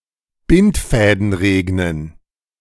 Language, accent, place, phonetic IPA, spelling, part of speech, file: German, Germany, Berlin, [ˈbɪntˌfɛːdn̩ ˈʁeːɡnən], Bindfäden regnen, phrase, De-Bindfäden regnen.ogg
- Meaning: to rain cats and dogs, rain heavily or copiously (literally to rain yarn)